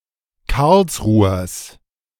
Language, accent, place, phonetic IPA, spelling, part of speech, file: German, Germany, Berlin, [ˈkaʁlsˌʁuːɐs], Karlsruhers, noun, De-Karlsruhers.ogg
- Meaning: genitive singular of Karlsruher